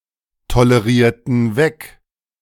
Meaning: inflection of wegtolerieren: 1. first/third-person plural preterite 2. first/third-person plural subjunctive II
- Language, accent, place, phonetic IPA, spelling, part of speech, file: German, Germany, Berlin, [toləˌʁiːɐ̯tn̩ ˈvɛk], tolerierten weg, verb, De-tolerierten weg.ogg